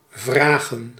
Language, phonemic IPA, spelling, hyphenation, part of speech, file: Dutch, /ˈvraːɣə(n)/, vragen, vra‧gen, verb / noun, Nl-vragen.ogg
- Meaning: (verb) 1. to ask (a question) 2. to demand, exact 3. to require, need; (noun) plural of vraag